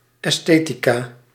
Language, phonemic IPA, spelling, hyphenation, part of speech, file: Dutch, /ˌɛsˈteː.ti.kaː/, esthetica, es‧the‧ti‧ca, noun, Nl-esthetica.ogg
- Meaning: 1. aesthetic 2. aesthetics